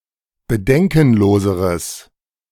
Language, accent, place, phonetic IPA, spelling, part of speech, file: German, Germany, Berlin, [bəˈdɛŋkn̩ˌloːzəʁəs], bedenkenloseres, adjective, De-bedenkenloseres.ogg
- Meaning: strong/mixed nominative/accusative neuter singular comparative degree of bedenkenlos